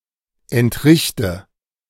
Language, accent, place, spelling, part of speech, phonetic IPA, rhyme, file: German, Germany, Berlin, entrichte, verb, [ɛntˈʁɪçtə], -ɪçtə, De-entrichte.ogg
- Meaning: inflection of entrichten: 1. first-person singular present 2. first/third-person singular subjunctive I 3. singular imperative